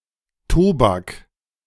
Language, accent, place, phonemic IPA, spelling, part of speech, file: German, Germany, Berlin, /ˈtoːbak/, Tobak, noun, De-Tobak.ogg
- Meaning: alternative form of Tabak (“tobacco”)